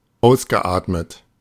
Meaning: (verb) past participle of ausatmen; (adjective) exhaled
- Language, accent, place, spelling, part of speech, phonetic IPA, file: German, Germany, Berlin, ausgeatmet, verb, [ˈaʊ̯sɡəˌʔaːtmət], De-ausgeatmet.ogg